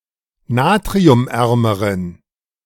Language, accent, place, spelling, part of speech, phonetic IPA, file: German, Germany, Berlin, natriumärmeren, adjective, [ˈnaːtʁiʊmˌʔɛʁməʁən], De-natriumärmeren.ogg
- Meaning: inflection of natriumarm: 1. strong genitive masculine/neuter singular comparative degree 2. weak/mixed genitive/dative all-gender singular comparative degree